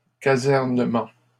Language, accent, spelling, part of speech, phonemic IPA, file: French, Canada, casernement, noun, /ka.zɛʁ.nə.mɑ̃/, LL-Q150 (fra)-casernement.wav
- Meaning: barracks